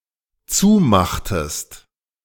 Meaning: inflection of zumachen: 1. second-person singular dependent preterite 2. second-person singular dependent subjunctive II
- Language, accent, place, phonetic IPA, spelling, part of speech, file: German, Germany, Berlin, [ˈt͡suːˌmaxtəst], zumachtest, verb, De-zumachtest.ogg